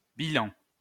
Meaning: 1. balance sheet 2. appraisal, assessment 3. reports; toll, death toll
- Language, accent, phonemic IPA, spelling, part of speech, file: French, France, /bi.lɑ̃/, bilan, noun, LL-Q150 (fra)-bilan.wav